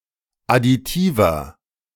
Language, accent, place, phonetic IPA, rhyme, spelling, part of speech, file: German, Germany, Berlin, [ˌadiˈtiːvɐ], -iːvɐ, additiver, adjective, De-additiver.ogg
- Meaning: inflection of additiv: 1. strong/mixed nominative masculine singular 2. strong genitive/dative feminine singular 3. strong genitive plural